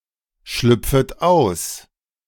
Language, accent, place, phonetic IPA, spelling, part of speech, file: German, Germany, Berlin, [ˌʃlʏp͡fət ˈaʊ̯s], schlüpfet aus, verb, De-schlüpfet aus.ogg
- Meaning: second-person plural subjunctive I of ausschlüpfen